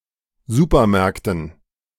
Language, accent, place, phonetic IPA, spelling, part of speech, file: German, Germany, Berlin, [ˈzuːpɐˌmɛʁktn̩], Supermärkten, noun, De-Supermärkten.ogg
- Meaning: dative plural of Supermarkt